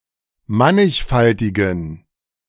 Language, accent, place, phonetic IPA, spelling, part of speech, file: German, Germany, Berlin, [ˈmanɪçˌfaltɪɡn̩], mannigfaltigen, adjective, De-mannigfaltigen.ogg
- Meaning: inflection of mannigfaltig: 1. strong genitive masculine/neuter singular 2. weak/mixed genitive/dative all-gender singular 3. strong/weak/mixed accusative masculine singular 4. strong dative plural